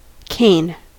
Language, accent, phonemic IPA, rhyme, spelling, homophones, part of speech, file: English, US, /keɪn/, -eɪn, cane, Cain, noun / verb, En-us-cane.ogg
- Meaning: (noun) A plant with simple stems, like bamboo or sugar cane, or the stem thereof: The slender, flexible main stem of a plant such as bamboo, including many species in the grass family Gramineae